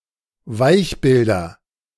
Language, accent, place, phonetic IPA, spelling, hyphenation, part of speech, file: German, Germany, Berlin, [ˈvaɪ̯çˌbɪldɐ], Weichbilder, Weich‧bil‧der, noun, De-Weichbilder.ogg
- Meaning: nominative/accusative/genitive plural of Weichbild